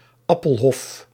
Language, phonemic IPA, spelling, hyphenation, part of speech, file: Dutch, /ˈɑ.pəlˌɦɔf/, appelhof, ap‧pel‧hof, noun, Nl-appelhof.ogg
- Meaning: orchard containing various fruit trees, including apple trees